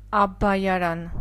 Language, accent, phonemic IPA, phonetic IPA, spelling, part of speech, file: Armenian, Eastern Armenian, /ɑbbɑjɑˈɾɑn/, [ɑbːɑjɑɾɑ́n], աբբայարան, noun, Hy-աբբայարան.ogg
- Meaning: abbey (building)